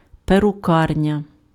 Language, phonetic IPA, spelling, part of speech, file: Ukrainian, [perʊˈkarnʲɐ], перукарня, noun, Uk-перукарня.ogg
- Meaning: hair salon, barbershop